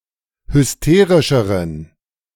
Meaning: inflection of hysterisch: 1. strong genitive masculine/neuter singular comparative degree 2. weak/mixed genitive/dative all-gender singular comparative degree
- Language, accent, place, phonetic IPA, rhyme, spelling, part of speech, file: German, Germany, Berlin, [hʏsˈteːʁɪʃəʁən], -eːʁɪʃəʁən, hysterischeren, adjective, De-hysterischeren.ogg